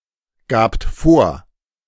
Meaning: second-person plural preterite of vorgeben
- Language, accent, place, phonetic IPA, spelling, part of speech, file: German, Germany, Berlin, [ˌɡaːpt ˈfoːɐ̯], gabt vor, verb, De-gabt vor.ogg